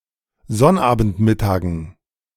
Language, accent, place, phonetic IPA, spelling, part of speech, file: German, Germany, Berlin, [ˈzɔnʔaːbn̩tˌmɪtaːɡn̩], Sonnabendmittagen, noun, De-Sonnabendmittagen.ogg
- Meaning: dative plural of Sonnabendmittag